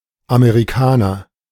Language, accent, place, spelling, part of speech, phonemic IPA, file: German, Germany, Berlin, Amerikaner, noun, /ameʁiˈkaːnɐ/, De-Amerikaner.ogg
- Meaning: 1. American (from America, the Americas, the American continent(s)) 2. US-American (from the United States of America)